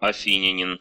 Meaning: Athenian (an inhabitant, resident, or citizen of Athens, Greece)
- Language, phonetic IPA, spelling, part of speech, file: Russian, [ɐˈfʲinʲɪnʲɪn], афинянин, noun, Ru-афи́нянин.ogg